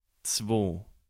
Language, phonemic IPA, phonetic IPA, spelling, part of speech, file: German, /t͡svoː/, [t͡sʋoː], zwo, numeral, De-zwo.ogg
- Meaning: 1. two 2. feminine of zween